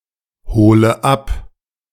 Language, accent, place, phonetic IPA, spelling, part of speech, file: German, Germany, Berlin, [ˌhoːlə ˈap], hole ab, verb, De-hole ab.ogg
- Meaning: inflection of abholen: 1. first-person singular present 2. first/third-person singular subjunctive I 3. singular imperative